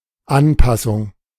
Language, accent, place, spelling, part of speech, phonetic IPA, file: German, Germany, Berlin, Anpassung, noun, [ˈanˌpasʊŋ], De-Anpassung.ogg
- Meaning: adaptation, customization, adjustment